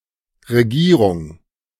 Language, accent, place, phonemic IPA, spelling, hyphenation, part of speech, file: German, Germany, Berlin, /reˈɡiːrʊŋ/, Regierung, Re‧gie‧rung, noun, De-Regierung.ogg
- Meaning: 1. government/administration 2. the act of governing